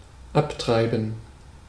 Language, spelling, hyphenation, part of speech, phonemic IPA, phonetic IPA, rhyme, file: German, abtreiben, ab‧trei‧ben, verb, /ˈaptʁaɪ̯bən/, [ˈʔaptʁaɪ̯bm̩], -aɪ̯bən, De-abtreiben.ogg
- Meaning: 1. to go/be sent off course 2. to have an abortion (end one's pregnancy) 3. to abort (a pregnancy)